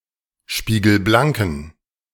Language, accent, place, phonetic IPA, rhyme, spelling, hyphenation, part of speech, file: German, Germany, Berlin, [ˌʃpiːɡl̩ˈblaŋkn̩], -aŋkn̩, spiegelblanken, spie‧gel‧blan‧ken, adjective, De-spiegelblanken.ogg
- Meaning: inflection of spiegelblank: 1. strong genitive masculine/neuter singular 2. weak/mixed genitive/dative all-gender singular 3. strong/weak/mixed accusative masculine singular 4. strong dative plural